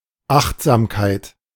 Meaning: mindfulness, wariness
- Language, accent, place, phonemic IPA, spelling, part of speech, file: German, Germany, Berlin, /ˈaχtzaːmkaɪ̯t/, Achtsamkeit, noun, De-Achtsamkeit.ogg